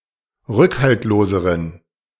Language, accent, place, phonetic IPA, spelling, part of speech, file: German, Germany, Berlin, [ˈʁʏkhaltloːzəʁən], rückhaltloseren, adjective, De-rückhaltloseren.ogg
- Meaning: inflection of rückhaltlos: 1. strong genitive masculine/neuter singular comparative degree 2. weak/mixed genitive/dative all-gender singular comparative degree